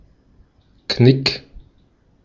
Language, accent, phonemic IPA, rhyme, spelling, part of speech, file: German, Austria, /knɪk/, -ɪk, Knick, noun, De-at-Knick.ogg
- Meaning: 1. crease 2. A wall of shrubberies, dividing a rural area